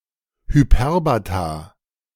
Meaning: plural of Hyperbaton
- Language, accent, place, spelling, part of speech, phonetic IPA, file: German, Germany, Berlin, Hyperbata, noun, [hyˈpɛʁbata], De-Hyperbata.ogg